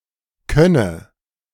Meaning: first/third-person singular subjunctive I of können
- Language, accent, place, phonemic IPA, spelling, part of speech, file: German, Germany, Berlin, /ˈkœnə/, könne, verb, De-könne.ogg